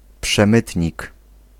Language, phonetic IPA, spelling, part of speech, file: Polish, [pʃɛ̃ˈmɨtʲɲik], przemytnik, noun, Pl-przemytnik.ogg